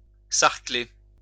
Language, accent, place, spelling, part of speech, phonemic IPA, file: French, France, Lyon, sarcler, verb, /saʁ.kle/, LL-Q150 (fra)-sarcler.wav
- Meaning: to hoe